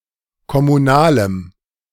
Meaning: strong dative masculine/neuter singular of kommunal
- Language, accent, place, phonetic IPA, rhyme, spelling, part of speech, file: German, Germany, Berlin, [kɔmuˈnaːləm], -aːləm, kommunalem, adjective, De-kommunalem.ogg